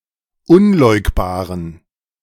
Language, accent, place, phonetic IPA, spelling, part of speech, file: German, Germany, Berlin, [ˈʊnˌlɔɪ̯kbaːʁən], unleugbaren, adjective, De-unleugbaren.ogg
- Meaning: inflection of unleugbar: 1. strong genitive masculine/neuter singular 2. weak/mixed genitive/dative all-gender singular 3. strong/weak/mixed accusative masculine singular 4. strong dative plural